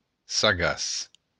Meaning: wise, sagacious
- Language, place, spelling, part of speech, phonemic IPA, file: Occitan, Béarn, sagaç, adjective, /saˈɣas/, LL-Q14185 (oci)-sagaç.wav